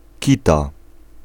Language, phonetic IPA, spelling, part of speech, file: Polish, [ˈcita], kita, noun, Pl-kita.ogg